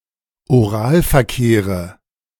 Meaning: dative of Oralverkehr
- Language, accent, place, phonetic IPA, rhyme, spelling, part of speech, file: German, Germany, Berlin, [oˈʁaːlfɛɐ̯ˌkeːʁə], -aːlfɛɐ̯keːʁə, Oralverkehre, noun, De-Oralverkehre.ogg